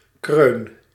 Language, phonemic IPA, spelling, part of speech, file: Dutch, /krøn/, kreun, noun / verb, Nl-kreun.ogg
- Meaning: inflection of kreunen: 1. first-person singular present indicative 2. second-person singular present indicative 3. imperative